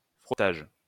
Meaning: 1. rubbing 2. frottage
- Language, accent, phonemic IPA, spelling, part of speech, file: French, France, /fʁɔ.taʒ/, frottage, noun, LL-Q150 (fra)-frottage.wav